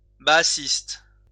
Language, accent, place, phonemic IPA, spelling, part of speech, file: French, France, Lyon, /ba.a.sist/, baasiste, adjective / noun, LL-Q150 (fra)-baasiste.wav
- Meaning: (adjective) Baathist